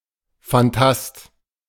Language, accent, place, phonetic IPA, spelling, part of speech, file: German, Germany, Berlin, [fanˈtast], Fantast, noun, De-Fantast.ogg
- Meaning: fantasist, dreamer